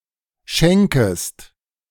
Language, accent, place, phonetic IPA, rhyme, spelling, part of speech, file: German, Germany, Berlin, [ˈʃɛŋkəst], -ɛŋkəst, schenkest, verb, De-schenkest.ogg
- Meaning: second-person singular subjunctive I of schenken